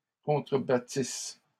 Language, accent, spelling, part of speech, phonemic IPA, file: French, Canada, contrebattissent, verb, /kɔ̃.tʁə.ba.tis/, LL-Q150 (fra)-contrebattissent.wav
- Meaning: third-person plural imperfect subjunctive of contrebattre